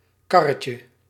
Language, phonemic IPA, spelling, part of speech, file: Dutch, /ˈkɑrəcjə/, karretje, noun, Nl-karretje.ogg
- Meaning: diminutive of kar